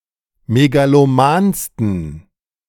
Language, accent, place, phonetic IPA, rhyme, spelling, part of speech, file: German, Germany, Berlin, [meɡaloˈmaːnstn̩], -aːnstn̩, megalomansten, adjective, De-megalomansten.ogg
- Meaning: 1. superlative degree of megaloman 2. inflection of megaloman: strong genitive masculine/neuter singular superlative degree